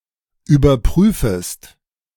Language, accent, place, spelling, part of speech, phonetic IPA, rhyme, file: German, Germany, Berlin, überprüfest, verb, [yːbɐˈpʁyːfəst], -yːfəst, De-überprüfest.ogg
- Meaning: second-person singular subjunctive I of überprüfen